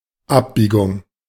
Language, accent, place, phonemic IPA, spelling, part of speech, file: German, Germany, Berlin, /ˈapˌbiːɡʊŋ/, Abbiegung, noun, De-Abbiegung.ogg
- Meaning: bend